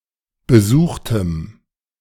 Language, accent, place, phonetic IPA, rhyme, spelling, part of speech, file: German, Germany, Berlin, [bəˈzuːxtəm], -uːxtəm, besuchtem, adjective, De-besuchtem.ogg
- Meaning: strong dative masculine/neuter singular of besucht